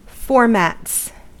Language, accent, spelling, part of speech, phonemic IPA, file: English, US, formats, noun / verb, /ˈfɔɹ.mæts/, En-us-formats.ogg
- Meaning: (noun) plural of format; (verb) third-person singular simple present indicative of format